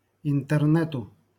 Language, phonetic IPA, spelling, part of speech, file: Russian, [ɪntɨrˈnɛtʊ], интернету, noun, LL-Q7737 (rus)-интернету.wav
- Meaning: dative singular of интерне́т (intɛrnɛ́t)